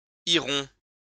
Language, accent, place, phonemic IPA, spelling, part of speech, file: French, France, Lyon, /i.ʁɔ̃/, iront, verb, LL-Q150 (fra)-iront.wav
- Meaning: third-person plural future of aller